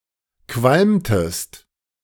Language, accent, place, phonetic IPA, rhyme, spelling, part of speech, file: German, Germany, Berlin, [ˈkvalmtəst], -almtəst, qualmtest, verb, De-qualmtest.ogg
- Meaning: inflection of qualmen: 1. second-person singular preterite 2. second-person singular subjunctive II